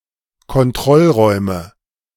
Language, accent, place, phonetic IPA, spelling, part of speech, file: German, Germany, Berlin, [kɔnˈtʁɔlˌʁɔɪ̯mə], Kontrollräume, noun, De-Kontrollräume.ogg
- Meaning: nominative/accusative/genitive plural of Kontrollraum